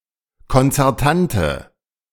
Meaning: inflection of konzertant: 1. strong/mixed nominative/accusative feminine singular 2. strong nominative/accusative plural 3. weak nominative all-gender singular
- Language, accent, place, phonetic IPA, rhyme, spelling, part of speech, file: German, Germany, Berlin, [kɔnt͡sɛʁˈtantə], -antə, konzertante, adjective, De-konzertante.ogg